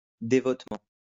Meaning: devoutly
- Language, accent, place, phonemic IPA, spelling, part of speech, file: French, France, Lyon, /de.vɔt.mɑ̃/, dévotement, adverb, LL-Q150 (fra)-dévotement.wav